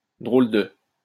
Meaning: funny, weird, strange, odd
- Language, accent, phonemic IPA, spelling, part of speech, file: French, France, /dʁol də/, drôle de, adjective, LL-Q150 (fra)-drôle de.wav